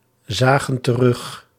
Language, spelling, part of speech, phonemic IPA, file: Dutch, zagen terug, verb, /ˈzaɣə(n) t(ə)ˈrʏx/, Nl-zagen terug.ogg
- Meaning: inflection of terugzien: 1. plural past indicative 2. plural past subjunctive